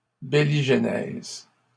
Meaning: biligenesis
- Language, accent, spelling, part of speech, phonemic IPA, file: French, Canada, biligenèse, noun, /bi.li.ʒ(ə).nɛz/, LL-Q150 (fra)-biligenèse.wav